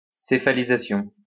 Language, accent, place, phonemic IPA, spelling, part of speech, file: French, France, Lyon, /se.fa.li.za.sjɔ̃/, céphalisation, noun, LL-Q150 (fra)-céphalisation.wav
- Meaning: cephalization